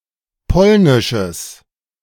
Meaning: strong/mixed nominative/accusative neuter singular of polnisch
- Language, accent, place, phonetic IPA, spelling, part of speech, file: German, Germany, Berlin, [ˈpɔlnɪʃəs], polnisches, adjective, De-polnisches.ogg